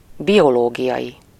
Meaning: biological
- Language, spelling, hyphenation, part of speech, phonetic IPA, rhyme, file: Hungarian, biológiai, bi‧o‧ló‧gi‧ai, adjective, [ˈbijoloːɡijɒji], -ji, Hu-biológiai.ogg